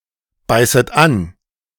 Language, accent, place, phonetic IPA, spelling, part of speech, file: German, Germany, Berlin, [ˌbaɪ̯sət ˈan], beißet an, verb, De-beißet an.ogg
- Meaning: second-person plural subjunctive I of anbeißen